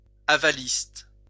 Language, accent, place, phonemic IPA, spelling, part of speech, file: French, France, Lyon, /a.va.list/, avaliste, noun, LL-Q150 (fra)-avaliste.wav
- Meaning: guarantor